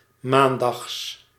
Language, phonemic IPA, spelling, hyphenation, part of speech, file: Dutch, /ˈmaːn.dɑxs/, maandags, maan‧dags, adjective / adverb / noun, Nl-maandags.ogg
- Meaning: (adjective) Monday; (adverb) synonym of 's maandags; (noun) genitive singular of maandag